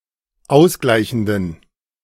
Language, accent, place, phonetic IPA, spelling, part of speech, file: German, Germany, Berlin, [ˈaʊ̯sˌɡlaɪ̯çn̩dən], ausgleichenden, adjective, De-ausgleichenden.ogg
- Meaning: inflection of ausgleichend: 1. strong genitive masculine/neuter singular 2. weak/mixed genitive/dative all-gender singular 3. strong/weak/mixed accusative masculine singular 4. strong dative plural